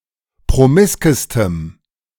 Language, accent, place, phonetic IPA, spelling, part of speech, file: German, Germany, Berlin, [pʁoˈmɪskəstəm], promiskestem, adjective, De-promiskestem.ogg
- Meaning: strong dative masculine/neuter singular superlative degree of promisk